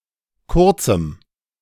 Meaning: strong dative masculine/neuter singular of kurz
- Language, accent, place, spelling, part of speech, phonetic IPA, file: German, Germany, Berlin, kurzem, adjective, [ˈkʊʁt͡sm̩], De-kurzem.ogg